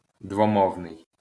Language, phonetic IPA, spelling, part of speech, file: Ukrainian, [dwɔˈmɔu̯nei̯], двомовний, adjective, LL-Q8798 (ukr)-двомовний.wav
- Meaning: bilingual